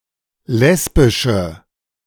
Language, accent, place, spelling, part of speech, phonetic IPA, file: German, Germany, Berlin, lesbische, adjective, [ˈlɛsbɪʃə], De-lesbische.ogg
- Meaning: inflection of lesbisch: 1. strong/mixed nominative/accusative feminine singular 2. strong nominative/accusative plural 3. weak nominative all-gender singular